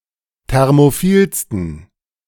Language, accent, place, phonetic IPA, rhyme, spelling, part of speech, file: German, Germany, Berlin, [ˌtɛʁmoˈfiːlstn̩], -iːlstn̩, thermophilsten, adjective, De-thermophilsten.ogg
- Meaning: 1. superlative degree of thermophil 2. inflection of thermophil: strong genitive masculine/neuter singular superlative degree